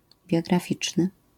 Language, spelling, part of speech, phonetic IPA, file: Polish, biograficzny, adjective, [ˌbʲjɔɡraˈfʲit͡ʃnɨ], LL-Q809 (pol)-biograficzny.wav